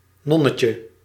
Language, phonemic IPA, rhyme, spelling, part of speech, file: Dutch, /ˈnɔ.nə.tjə/, -ɔnətjə, nonnetje, noun, Nl-nonnetje.ogg
- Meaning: 1. diminutive of non 2. smew (Mergellus albellus) 3. Baltic macoma, Baltic clam, Baltic tellin (Limecola balthica syn. Macoma balthica)